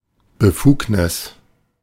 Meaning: 1. permission, authorization 2. legal authority, capacity, competence
- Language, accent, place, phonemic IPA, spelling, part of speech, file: German, Germany, Berlin, /bəˈfuːknɪs/, Befugnis, noun, De-Befugnis.ogg